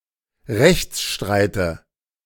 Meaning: nominative/accusative/genitive plural of Rechtsstreit
- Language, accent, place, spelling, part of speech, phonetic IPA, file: German, Germany, Berlin, Rechtsstreite, noun, [ˈʁɛçt͡sˌʃtʁaɪ̯tə], De-Rechtsstreite.ogg